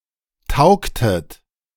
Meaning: inflection of taugen: 1. second-person plural preterite 2. second-person plural subjunctive II
- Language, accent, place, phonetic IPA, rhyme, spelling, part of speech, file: German, Germany, Berlin, [ˈtaʊ̯ktət], -aʊ̯ktət, taugtet, verb, De-taugtet.ogg